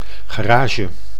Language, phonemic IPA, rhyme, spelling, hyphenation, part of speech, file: Dutch, /ˌɣaːˈraː.ʒə/, -aːʒə, garage, ga‧ra‧ge, noun, Nl-garage.ogg
- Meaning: 1. a garage (repair shop for motorised vehicles) 2. a garage (building or room for storing and modifying motorised vehicles)